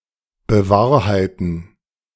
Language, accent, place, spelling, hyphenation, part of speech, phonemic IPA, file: German, Germany, Berlin, bewahrheiten, be‧wahr‧hei‧ten, verb, /bə.ˈvaːɐ̯.haɪ̯t.n̩/, De-bewahrheiten.ogg
- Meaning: 1. to prove true 2. to come true